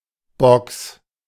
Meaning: 1. box (cuboid container); but not as widely used as in English in formal language, perhaps most common for plastic boxes 2. loudspeaker (box-like encasing containing one or more loudspeaker devices)
- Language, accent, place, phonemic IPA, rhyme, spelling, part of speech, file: German, Germany, Berlin, /bɔks/, -ɔks, Box, noun, De-Box.ogg